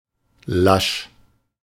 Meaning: 1. limp, lackadaisical 2. lax, overly lenient 3. bland, lacking in taste
- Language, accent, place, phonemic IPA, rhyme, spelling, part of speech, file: German, Germany, Berlin, /laʃ/, -aʃ, lasch, adjective, De-lasch.ogg